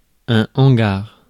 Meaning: 1. shed, barn, warehouse 2. hangar (aircraft)
- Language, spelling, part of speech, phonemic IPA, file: French, hangar, noun, /ɑ̃.ɡaʁ/, Fr-hangar.ogg